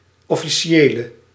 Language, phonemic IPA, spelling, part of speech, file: Dutch, /ˌɔfiˈʃelə/, officiële, adjective, Nl-officiële.ogg
- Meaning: inflection of officieel: 1. masculine/feminine singular attributive 2. definite neuter singular attributive 3. plural attributive